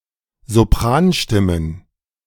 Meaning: plural of Sopranstimme
- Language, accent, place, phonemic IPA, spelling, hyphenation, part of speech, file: German, Germany, Berlin, /zoˈpʁaːnˌʃtɪmən/, Sopranstimmen, So‧pran‧stim‧men, noun, De-Sopranstimmen.ogg